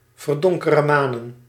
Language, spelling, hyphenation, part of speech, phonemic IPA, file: Dutch, verdonkeremanen, ver‧don‧ke‧re‧ma‧nen, verb, /vərˌdɔŋ.kə.rəˈmaː.nə(n)/, Nl-verdonkeremanen.ogg
- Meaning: 1. to hide, to cover up 2. to steal, to embezzle